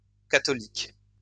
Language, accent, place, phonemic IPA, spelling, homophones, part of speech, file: French, France, Lyon, /ka.tɔ.lik/, catholiques, catholique, adjective, LL-Q150 (fra)-catholiques.wav
- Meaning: plural of catholique